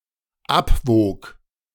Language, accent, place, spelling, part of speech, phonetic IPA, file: German, Germany, Berlin, abwog, verb, [ˈapˌvoːk], De-abwog.ogg
- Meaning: first/third-person singular dependent preterite of abwiegen